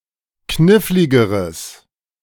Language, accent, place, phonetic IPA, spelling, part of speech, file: German, Germany, Berlin, [ˈknɪflɪɡəʁəs], kniffligeres, adjective, De-kniffligeres.ogg
- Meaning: strong/mixed nominative/accusative neuter singular comparative degree of knifflig